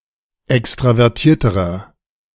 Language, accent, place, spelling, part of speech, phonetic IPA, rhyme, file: German, Germany, Berlin, extravertierterer, adjective, [ˌɛkstʁavɛʁˈtiːɐ̯təʁɐ], -iːɐ̯təʁɐ, De-extravertierterer.ogg
- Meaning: inflection of extravertiert: 1. strong/mixed nominative masculine singular comparative degree 2. strong genitive/dative feminine singular comparative degree